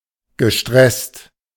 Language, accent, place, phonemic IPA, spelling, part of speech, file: German, Germany, Berlin, /ɡəˈʃtʁɛst/, gestresst, verb / adjective, De-gestresst.ogg
- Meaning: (verb) past participle of stressen; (adjective) stressed